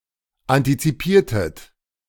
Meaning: inflection of antizipieren: 1. second-person plural preterite 2. second-person plural subjunctive II
- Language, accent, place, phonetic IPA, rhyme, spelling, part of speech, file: German, Germany, Berlin, [ˌantit͡siˈpiːɐ̯tət], -iːɐ̯tət, antizipiertet, verb, De-antizipiertet.ogg